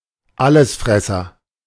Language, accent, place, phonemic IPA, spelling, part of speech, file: German, Germany, Berlin, /ˈaləsˌfʁɛsɐ/, Allesfresser, noun, De-Allesfresser.ogg
- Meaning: omnivore